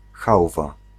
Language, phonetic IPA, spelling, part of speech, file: Polish, [ˈxawva], chałwa, noun, Pl-chałwa.ogg